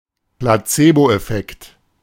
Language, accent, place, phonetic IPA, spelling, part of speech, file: German, Germany, Berlin, [plaˈt͡seːboʔɛˌfɛkt], Placeboeffekt, noun, De-Placeboeffekt.ogg
- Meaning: placebo effect